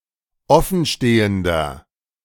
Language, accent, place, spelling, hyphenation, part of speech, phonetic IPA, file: German, Germany, Berlin, offenstehender, of‧fen‧ste‧hen‧der, adjective, [ˈɔfn̩ˌʃteːəndɐ], De-offenstehender.ogg
- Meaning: inflection of offenstehend: 1. strong/mixed nominative masculine singular 2. strong genitive/dative feminine singular 3. strong genitive plural